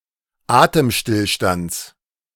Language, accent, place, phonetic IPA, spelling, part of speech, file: German, Germany, Berlin, [ˈaːtəmˌʃtɪlʃtant͡s], Atemstillstands, noun, De-Atemstillstands.ogg
- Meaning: genitive singular of Atemstillstand